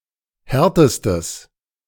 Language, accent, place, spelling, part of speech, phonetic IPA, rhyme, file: German, Germany, Berlin, härtestes, adjective, [ˈhɛʁtəstəs], -ɛʁtəstəs, De-härtestes.ogg
- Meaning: strong/mixed nominative/accusative neuter singular superlative degree of hart